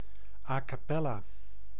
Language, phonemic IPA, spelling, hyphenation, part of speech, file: Dutch, /ˌaː kɑˈpɛ.laː/, a capella, a ca‧pel‧la, adverb, Nl-a capella.ogg
- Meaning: a cappella, singing without instrumental accompaniment